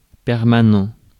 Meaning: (adjective) permanent
- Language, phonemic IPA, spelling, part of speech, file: French, /pɛʁ.ma.nɑ̃/, permanent, adjective / noun, Fr-permanent.ogg